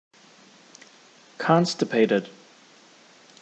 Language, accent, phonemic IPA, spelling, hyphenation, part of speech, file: English, General American, /ˈkɒnstəpeɪtəd/, constipated, con‧sti‧pat‧ed, adjective / verb, En-us-constipated.ogg
- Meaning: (adjective) 1. Unable to defecate; costive 2. Failing to make a point or reach a conclusion; stifled; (verb) simple past and past participle of constipate